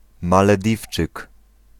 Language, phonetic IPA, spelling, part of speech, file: Polish, [ˌmalɛˈdʲift͡ʃɨk], Malediwczyk, noun, Pl-Malediwczyk.ogg